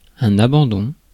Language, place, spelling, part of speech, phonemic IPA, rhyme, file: French, Paris, abandon, noun, /a.bɑ̃.dɔ̃/, -ɔ̃, Fr-abandon.ogg
- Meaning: 1. surrender; desertion; withdrawal 2. abandonment, abandoning 3. state of neglect 4. abandon, unrestraint (yielding to natural impulses or inhibitions; freedom from artificial constraint)